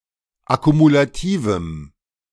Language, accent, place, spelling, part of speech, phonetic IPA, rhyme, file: German, Germany, Berlin, akkumulativem, adjective, [akumulaˈtiːvm̩], -iːvm̩, De-akkumulativem.ogg
- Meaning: strong dative masculine/neuter singular of akkumulativ